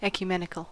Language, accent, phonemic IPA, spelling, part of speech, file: English, US, /ˌɛk.jʊˈmɛ.nɪ.kəl/, ecumenical, adjective, En-us-ecumenical.ogg
- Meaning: 1. Pertaining to the universal Church, representing the entire Christian world; interdenominational; sometimes by extension, interreligious 2. General; universal; catholic; worldwide